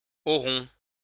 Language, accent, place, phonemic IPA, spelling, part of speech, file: French, France, Lyon, /ɔ.ʁɔ̃/, auront, verb, LL-Q150 (fra)-auront.wav
- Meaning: third-person plural future of avoir